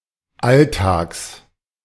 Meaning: genitive singular of Alltag
- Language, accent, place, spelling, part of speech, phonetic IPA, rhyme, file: German, Germany, Berlin, Alltags, noun, [ˈalˌtaːks], -altaːks, De-Alltags.ogg